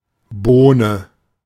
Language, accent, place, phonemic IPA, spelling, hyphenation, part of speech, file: German, Germany, Berlin, /ˈboːnə/, Bohne, Boh‧ne, noun, De-Bohne.ogg
- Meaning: bean